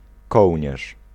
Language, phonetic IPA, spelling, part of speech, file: Polish, [ˈkɔwʲɲɛʃ], kołnierz, noun, Pl-kołnierz.ogg